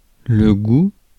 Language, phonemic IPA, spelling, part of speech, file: French, /ɡu/, goût, noun, Fr-goût.ogg
- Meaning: 1. taste, flavour 2. taste, discrimination 3. taste (sense) 4. appetite 5. smell, scent, odor